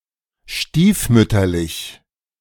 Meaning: stepmotherly, neglected, unloved, shabby (treatment of a person, etc.), novercal (rare)
- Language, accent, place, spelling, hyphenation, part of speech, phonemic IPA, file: German, Germany, Berlin, stiefmütterlich, stief‧müt‧ter‧lich, adjective, /ˈʃtiːfˌmʏtɐlɪç/, De-stiefmütterlich.ogg